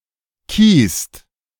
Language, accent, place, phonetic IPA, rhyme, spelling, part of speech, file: German, Germany, Berlin, [kiːst], -iːst, kiest, verb, De-kiest.ogg
- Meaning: second-person plural present of kiesen